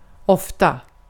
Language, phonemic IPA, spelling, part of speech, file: Swedish, /²ɔfːta/, ofta, adverb / interjection, Sv-ofta.ogg
- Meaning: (adverb) often; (interjection) Expresses skepticism or surprise (incredulity)